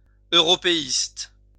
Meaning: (adjective) pro-European
- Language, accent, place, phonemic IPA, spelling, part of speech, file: French, France, Lyon, /ø.ʁɔ.pe.ist/, européiste, adjective / noun, LL-Q150 (fra)-européiste.wav